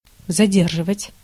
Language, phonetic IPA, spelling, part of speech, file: Russian, [zɐˈdʲerʐɨvətʲ], задерживать, verb, Ru-задерживать.ogg
- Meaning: 1. to detain, to hold back, to stop 2. to delay, to check 3. to arrest, to detain 4. to slow down, to retard, to delay, to hamper